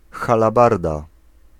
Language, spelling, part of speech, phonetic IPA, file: Polish, halabarda, noun, [ˌxalaˈbarda], Pl-halabarda.ogg